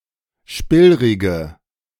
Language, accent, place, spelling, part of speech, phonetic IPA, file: German, Germany, Berlin, spillrige, adjective, [ˈʃpɪlʁɪɡə], De-spillrige.ogg
- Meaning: inflection of spillrig: 1. strong/mixed nominative/accusative feminine singular 2. strong nominative/accusative plural 3. weak nominative all-gender singular